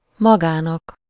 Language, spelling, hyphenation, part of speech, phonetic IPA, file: Hungarian, magának, ma‧gá‧nak, pronoun, [ˈmɒɡaːnɒk], Hu-magának.ogg
- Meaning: dative singular of maga